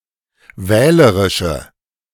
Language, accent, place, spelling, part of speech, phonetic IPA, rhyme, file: German, Germany, Berlin, wählerische, adjective, [ˈvɛːləʁɪʃə], -ɛːləʁɪʃə, De-wählerische.ogg
- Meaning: inflection of wählerisch: 1. strong/mixed nominative/accusative feminine singular 2. strong nominative/accusative plural 3. weak nominative all-gender singular